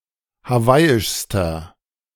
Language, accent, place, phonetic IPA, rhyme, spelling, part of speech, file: German, Germany, Berlin, [haˈvaɪ̯ɪʃstɐ], -aɪ̯ɪʃstɐ, hawaiischster, adjective, De-hawaiischster.ogg
- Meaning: inflection of hawaiisch: 1. strong/mixed nominative masculine singular superlative degree 2. strong genitive/dative feminine singular superlative degree 3. strong genitive plural superlative degree